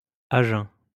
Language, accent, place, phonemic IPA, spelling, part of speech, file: French, France, Lyon, /a ʒœ̃/, à jeun, prepositional phrase, LL-Q150 (fra)-à jeun.wav
- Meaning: on an empty stomach